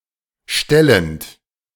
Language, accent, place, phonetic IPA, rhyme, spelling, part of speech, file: German, Germany, Berlin, [ˈʃtɛlənt], -ɛlənt, stellend, verb, De-stellend.ogg
- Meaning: present participle of stellen